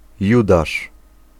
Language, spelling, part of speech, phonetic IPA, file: Polish, judasz, noun, [ˈjudaʃ], Pl-judasz.ogg